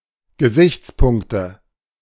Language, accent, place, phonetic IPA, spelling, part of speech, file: German, Germany, Berlin, [ɡəˈzɪçt͡sˌpʊŋktə], Gesichtspunkte, noun, De-Gesichtspunkte.ogg
- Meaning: nominative/accusative/genitive plural of Gesichtspunkt